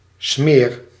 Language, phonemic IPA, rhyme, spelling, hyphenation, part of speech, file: Dutch, /smeːr/, -eːr, smeer, smeer, noun / verb, Nl-smeer.ogg
- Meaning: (noun) 1. smear, a fat substance 2. blow, whack; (verb) inflection of smeren: 1. first-person singular present indicative 2. second-person singular present indicative 3. imperative